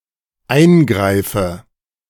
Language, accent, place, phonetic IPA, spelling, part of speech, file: German, Germany, Berlin, [ˈaɪ̯nˌɡʁaɪ̯fə], eingreife, verb, De-eingreife.ogg
- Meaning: inflection of eingreifen: 1. first-person singular dependent present 2. first/third-person singular dependent subjunctive I